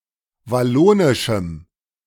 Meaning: strong dative masculine/neuter singular of wallonisch
- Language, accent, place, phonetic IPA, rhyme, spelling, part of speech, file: German, Germany, Berlin, [vaˈloːnɪʃm̩], -oːnɪʃm̩, wallonischem, adjective, De-wallonischem.ogg